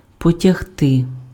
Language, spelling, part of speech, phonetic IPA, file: Ukrainian, потягти, verb, [pɔtʲɐɦˈtɪ], Uk-потягти.ogg
- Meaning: to drag, to pull